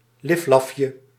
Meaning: 1. diminutive of liflaf 2. a small meal that fails to fill 3. a trifle
- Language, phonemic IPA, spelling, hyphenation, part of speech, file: Dutch, /ˈlɪf.lɑf.jə/, liflafje, lif‧laf‧je, noun, Nl-liflafje.ogg